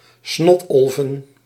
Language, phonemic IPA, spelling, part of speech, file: Dutch, /ˈsnɔtɔlvə(n)/, snotolven, noun, Nl-snotolven.ogg
- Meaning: plural of snotolf